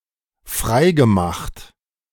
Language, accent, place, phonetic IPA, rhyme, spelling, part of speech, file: German, Germany, Berlin, [ˈfʁaɪ̯ɡəˌmaxt], -aɪ̯ɡəmaxt, freigemacht, verb, De-freigemacht.ogg
- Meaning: past participle of freimachen